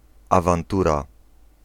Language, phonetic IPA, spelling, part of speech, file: Polish, [ˌavãnˈtura], awantura, noun, Pl-awantura.ogg